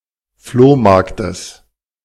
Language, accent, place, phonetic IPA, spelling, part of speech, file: German, Germany, Berlin, [ˈfloːˌmaʁktəs], Flohmarktes, noun, De-Flohmarktes.ogg
- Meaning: genitive singular of Flohmarkt